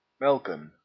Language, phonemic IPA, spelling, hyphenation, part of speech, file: Dutch, /ˈmɛlkə(n)/, melken, mel‧ken, verb, Nl-melken.ogg
- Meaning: 1. to milk a (farm) animal 2. to play meekly, without risk, notably in duel ball sports like tennis